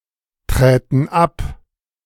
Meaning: first-person plural subjunctive II of abtreten
- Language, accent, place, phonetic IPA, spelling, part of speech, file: German, Germany, Berlin, [ˌtʁɛːtn̩ ˈap], träten ab, verb, De-träten ab.ogg